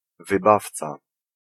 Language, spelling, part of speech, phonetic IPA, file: Polish, wybawca, noun, [vɨˈbaft͡sa], Pl-wybawca.ogg